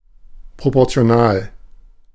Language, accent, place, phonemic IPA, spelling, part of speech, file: German, Germany, Berlin, /ˌpʁopɔʁt͡si̯oˈnaːl/, proportional, adjective, De-proportional.ogg
- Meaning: proportional